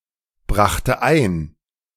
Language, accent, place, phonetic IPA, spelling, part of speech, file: German, Germany, Berlin, [ˌbʁaxtə ˈaɪ̯n], brachte ein, verb, De-brachte ein.ogg
- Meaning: first/third-person singular preterite of einbringen